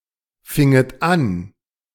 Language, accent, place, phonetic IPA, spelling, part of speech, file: German, Germany, Berlin, [ˌfɪŋət ˈan], finget an, verb, De-finget an.ogg
- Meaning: second-person plural subjunctive II of anfangen